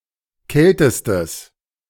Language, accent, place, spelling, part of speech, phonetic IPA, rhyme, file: German, Germany, Berlin, kältestes, adjective, [ˈkɛltəstəs], -ɛltəstəs, De-kältestes.ogg
- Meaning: strong/mixed nominative/accusative neuter singular superlative degree of kalt